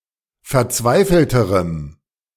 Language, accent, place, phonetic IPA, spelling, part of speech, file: German, Germany, Berlin, [fɛɐ̯ˈt͡svaɪ̯fl̩təʁəm], verzweifelterem, adjective, De-verzweifelterem.ogg
- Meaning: strong dative masculine/neuter singular comparative degree of verzweifelt